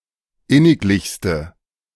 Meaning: inflection of inniglich: 1. strong/mixed nominative/accusative feminine singular superlative degree 2. strong nominative/accusative plural superlative degree
- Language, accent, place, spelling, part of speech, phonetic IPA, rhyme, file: German, Germany, Berlin, inniglichste, adjective, [ˈɪnɪkˌlɪçstə], -ɪnɪklɪçstə, De-inniglichste.ogg